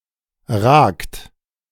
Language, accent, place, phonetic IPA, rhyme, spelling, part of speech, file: German, Germany, Berlin, [ʁaːkt], -aːkt, ragt, verb, De-ragt.ogg
- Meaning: inflection of ragen: 1. second-person plural present 2. third-person singular present 3. plural imperative